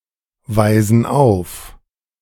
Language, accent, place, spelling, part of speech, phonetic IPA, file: German, Germany, Berlin, weisen auf, verb, [ˌvaɪ̯zn̩ ˈaʊ̯f], De-weisen auf.ogg
- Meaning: inflection of aufweisen: 1. first/third-person plural present 2. first/third-person plural subjunctive I